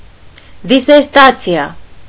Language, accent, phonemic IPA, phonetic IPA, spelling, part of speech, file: Armenian, Eastern Armenian, /diseɾˈtɑt͡sʰiɑ/, [diseɾtɑ́t͡sʰjɑ], դիսերտացիա, noun, Hy-դիսերտացիա.ogg
- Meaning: dissertation, thesis